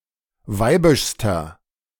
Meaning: inflection of weibisch: 1. strong/mixed nominative masculine singular superlative degree 2. strong genitive/dative feminine singular superlative degree 3. strong genitive plural superlative degree
- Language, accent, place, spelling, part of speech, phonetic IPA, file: German, Germany, Berlin, weibischster, adjective, [ˈvaɪ̯bɪʃstɐ], De-weibischster.ogg